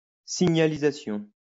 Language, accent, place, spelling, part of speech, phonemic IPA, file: French, France, Lyon, signalisation, noun, /si.ɲa.li.za.sjɔ̃/, LL-Q150 (fra)-signalisation.wav
- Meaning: signalling